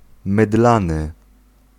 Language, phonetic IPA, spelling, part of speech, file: Polish, [mɨˈdlãnɨ], mydlany, adjective, Pl-mydlany.ogg